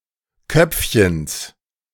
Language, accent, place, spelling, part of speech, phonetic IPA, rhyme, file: German, Germany, Berlin, Köpfchens, noun, [ˈkœp͡fçəns], -œp͡fçəns, De-Köpfchens.ogg
- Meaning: genitive singular of Köpfchen